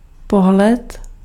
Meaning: 1. look (facial expression) 2. look, glance, gaze, stare 3. viewpoint, angle, perspective (opinion) 4. postcard
- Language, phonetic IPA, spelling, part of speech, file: Czech, [ˈpoɦlɛt], pohled, noun, Cs-pohled.ogg